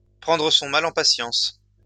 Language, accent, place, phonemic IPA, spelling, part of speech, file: French, France, Lyon, /pʁɑ̃.dʁə sɔ̃ ma.l‿ɑ̃ pa.sjɑ̃s/, prendre son mal en patience, verb, LL-Q150 (fra)-prendre son mal en patience.wav
- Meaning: to bear with it, to put up with it, to grin and bear it; to wait patiently for better times; to be patient